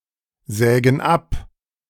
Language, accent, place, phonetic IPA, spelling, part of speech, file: German, Germany, Berlin, [ˌzɛːɡn̩ ˈap], sägen ab, verb, De-sägen ab.ogg
- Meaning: inflection of absägen: 1. first/third-person plural present 2. first/third-person plural subjunctive I